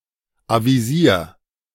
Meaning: 1. singular imperative of avisieren 2. first-person singular present of avisieren
- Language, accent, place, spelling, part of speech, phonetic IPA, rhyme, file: German, Germany, Berlin, avisier, verb, [ˌaviˈziːɐ̯], -iːɐ̯, De-avisier.ogg